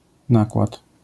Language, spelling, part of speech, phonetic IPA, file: Polish, nakład, noun, [ˈnakwat], LL-Q809 (pol)-nakład.wav